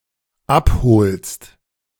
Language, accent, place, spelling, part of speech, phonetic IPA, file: German, Germany, Berlin, abholst, verb, [ˈapˌhoːlst], De-abholst.ogg
- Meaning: second-person singular dependent present of abholen